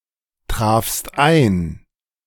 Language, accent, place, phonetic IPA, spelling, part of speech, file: German, Germany, Berlin, [ˌtʁaːfst ˈaɪ̯n], trafst ein, verb, De-trafst ein.ogg
- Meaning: second-person singular preterite of eintreffen